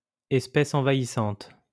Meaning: invasive species
- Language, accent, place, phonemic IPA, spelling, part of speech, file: French, France, Lyon, /ɛs.pɛs ɑ̃.va.i.sɑ̃t/, espèce envahissante, noun, LL-Q150 (fra)-espèce envahissante.wav